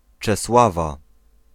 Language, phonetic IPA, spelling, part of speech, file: Polish, [t͡ʃɛsˈwava], Czesława, proper noun / noun, Pl-Czesława.ogg